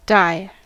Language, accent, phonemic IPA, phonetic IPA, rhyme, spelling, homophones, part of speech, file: English, US, /daɪ/, [däɪ̯], -aɪ, die, dye / Di / Dai / daye, verb / noun / adverb, En-us-die.ogg
- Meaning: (verb) 1. To stop living; to become dead; to undergo death 2. To stop living; to become dead; to undergo death.: followed by of as an indication of direct cause; general use